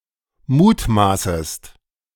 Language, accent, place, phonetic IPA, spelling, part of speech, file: German, Germany, Berlin, [ˈmuːtˌmaːsəst], mutmaßest, verb, De-mutmaßest.ogg
- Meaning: second-person singular subjunctive I of mutmaßen